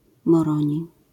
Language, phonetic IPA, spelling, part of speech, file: Polish, [mɔˈrɔ̃ɲi], Moroni, proper noun, LL-Q809 (pol)-Moroni.wav